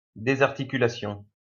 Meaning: 1. dislocation 2. disarticulation
- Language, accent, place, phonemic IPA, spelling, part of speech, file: French, France, Lyon, /de.zaʁ.ti.ky.la.sjɔ̃/, désarticulation, noun, LL-Q150 (fra)-désarticulation.wav